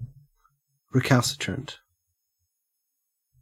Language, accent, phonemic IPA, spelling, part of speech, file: English, Australia, /ɹɪˈkæl.sɪ.tɹənt/, recalcitrant, adjective / noun, En-au-recalcitrant.ogg
- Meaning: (adjective) 1. Marked by a stubborn unwillingness to obey authority 2. Unwilling to cooperate socially 3. Difficult to deal with or to operate